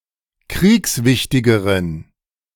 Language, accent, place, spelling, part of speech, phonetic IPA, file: German, Germany, Berlin, kriegswichtigeren, adjective, [ˈkʁiːksˌvɪçtɪɡəʁən], De-kriegswichtigeren.ogg
- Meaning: inflection of kriegswichtig: 1. strong genitive masculine/neuter singular comparative degree 2. weak/mixed genitive/dative all-gender singular comparative degree